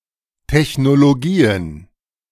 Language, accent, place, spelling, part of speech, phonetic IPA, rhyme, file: German, Germany, Berlin, Technologien, noun, [ˌtɛçnoloˈɡiːən], -iːən, De-Technologien.ogg
- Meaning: plural of Technologie